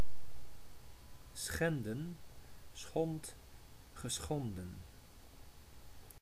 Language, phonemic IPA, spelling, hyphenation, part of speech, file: Dutch, /ˈsxɛndə(n)/, schenden, schen‧den, verb, Nl-schenden.ogg
- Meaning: to violate